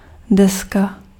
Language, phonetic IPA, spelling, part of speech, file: Czech, [ˈdɛska], deska, noun, Cs-deska.ogg
- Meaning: 1. board (relatively long, wide and thin piece of sawn wood or similar material, usually intended for use in construction) 2. plate, disk (flat, round/square piece of some material)